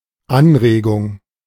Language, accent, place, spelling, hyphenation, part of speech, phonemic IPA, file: German, Germany, Berlin, Anregung, An‧re‧gung, noun, /ˈanʁeːɡʊŋ/, De-Anregung.ogg
- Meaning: 1. stimulus, excitation 2. suggestion, proposal